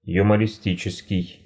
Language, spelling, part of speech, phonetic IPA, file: Russian, юмористический, adjective, [jʊmərʲɪˈsʲtʲit͡ɕɪskʲɪj], Ru-юмористический.ogg
- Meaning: humorous, comic